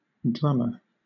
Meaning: 1. One who plays the drums 2. A drumstick (the lower part of a chicken or turkey leg) 3. Any of various fish of the family Kyphosidae, which make a drumming sound 4. A housebreaker
- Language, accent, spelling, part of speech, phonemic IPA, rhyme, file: English, Southern England, drummer, noun, /ˈdɹʌmə(ɹ)/, -ʌmə(ɹ), LL-Q1860 (eng)-drummer.wav